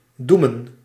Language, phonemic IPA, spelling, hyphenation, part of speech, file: Dutch, /ˈdumə(n)/, doemen, doe‧men, verb, Nl-doemen.ogg
- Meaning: to doom, to condemn